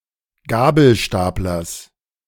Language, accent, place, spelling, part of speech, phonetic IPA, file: German, Germany, Berlin, Gabelstaplers, noun, [ˈɡaːbl̩ˌʃtaːplɐs], De-Gabelstaplers.ogg
- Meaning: genitive singular of Gabelstapler